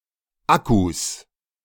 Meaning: 1. genitive singular of Akku 2. plural of Akku
- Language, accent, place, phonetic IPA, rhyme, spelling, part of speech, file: German, Germany, Berlin, [ˈakus], -akus, Akkus, noun, De-Akkus.ogg